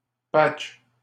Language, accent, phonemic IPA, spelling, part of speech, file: French, Canada, /patʃ/, patch, noun, LL-Q150 (fra)-patch.wav
- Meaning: patch (piece of code used to fix a bug)